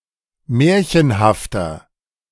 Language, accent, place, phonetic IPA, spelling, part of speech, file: German, Germany, Berlin, [ˈmɛːɐ̯çənhaftɐ], märchenhafter, adjective, De-märchenhafter.ogg
- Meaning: 1. comparative degree of märchenhaft 2. inflection of märchenhaft: strong/mixed nominative masculine singular 3. inflection of märchenhaft: strong genitive/dative feminine singular